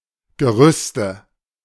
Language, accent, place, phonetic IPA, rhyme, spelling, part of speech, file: German, Germany, Berlin, [ɡəˈʁʏstə], -ʏstə, Gerüste, noun, De-Gerüste.ogg
- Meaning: nominative/accusative/genitive plural of Gerüst